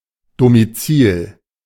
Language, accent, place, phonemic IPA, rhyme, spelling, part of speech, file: German, Germany, Berlin, /domiˈt͡siːl/, -iːl, Domizil, noun, De-Domizil.ogg
- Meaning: domicile